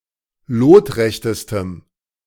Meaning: strong dative masculine/neuter singular superlative degree of lotrecht
- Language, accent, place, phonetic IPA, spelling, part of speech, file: German, Germany, Berlin, [ˈloːtˌʁɛçtəstəm], lotrechtestem, adjective, De-lotrechtestem.ogg